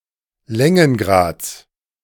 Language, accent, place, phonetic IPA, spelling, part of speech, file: German, Germany, Berlin, [ˈlɛŋənˌɡʁaːt͡s], Längengrads, noun, De-Längengrads.ogg
- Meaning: genitive of Längengrad